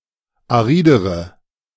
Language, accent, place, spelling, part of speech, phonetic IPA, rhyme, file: German, Germany, Berlin, aridere, adjective, [aˈʁiːdəʁə], -iːdəʁə, De-aridere.ogg
- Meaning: inflection of arid: 1. strong/mixed nominative/accusative feminine singular comparative degree 2. strong nominative/accusative plural comparative degree